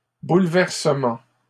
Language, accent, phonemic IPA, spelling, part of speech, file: French, Canada, /bul.vɛʁ.sə.mɑ̃/, bouleversement, noun, LL-Q150 (fra)-bouleversement.wav
- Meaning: disruption, havoc